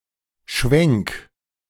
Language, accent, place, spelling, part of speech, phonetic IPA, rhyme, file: German, Germany, Berlin, Schwenk, noun, [ʃvɛŋk], -ɛŋk, De-Schwenk.ogg
- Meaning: 1. pan, tilt 2. swing, swivel, pivot (change in direction, often figuratively regarding trends, political position or approach)